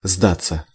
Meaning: 1. to surrender, to yield 2. to give up, to give in 3. to give in, to give way
- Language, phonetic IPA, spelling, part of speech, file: Russian, [ˈzdat͡sːə], сдаться, verb, Ru-сдаться.ogg